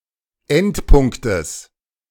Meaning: genitive singular of Endpunkt
- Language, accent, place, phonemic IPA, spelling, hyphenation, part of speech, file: German, Germany, Berlin, /ˈɛntˌpʊŋktəs/, Endpunktes, End‧punk‧tes, noun, De-Endpunktes.ogg